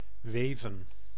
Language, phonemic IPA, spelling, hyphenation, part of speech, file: Dutch, /ˈʋeː.və(n)/, weven, we‧ven, verb, Nl-weven.ogg
- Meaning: to weave